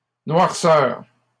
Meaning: 1. blackness 2. black stain or mark 3. blackness; darkness (quality of being bad or evil) 4. darkness
- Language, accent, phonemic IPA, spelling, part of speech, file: French, Canada, /nwaʁ.sœʁ/, noirceur, noun, LL-Q150 (fra)-noirceur.wav